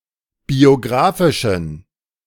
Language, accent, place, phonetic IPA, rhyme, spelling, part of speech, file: German, Germany, Berlin, [bioˈɡʁaːfɪʃn̩], -aːfɪʃn̩, biografischen, adjective, De-biografischen.ogg
- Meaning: inflection of biografisch: 1. strong genitive masculine/neuter singular 2. weak/mixed genitive/dative all-gender singular 3. strong/weak/mixed accusative masculine singular 4. strong dative plural